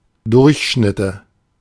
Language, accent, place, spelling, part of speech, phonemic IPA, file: German, Germany, Berlin, Durchschnitte, noun, /ˈdʊʁçˌʃnɪtə/, De-Durchschnitte.ogg
- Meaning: nominative/accusative/genitive plural of Durchschnitt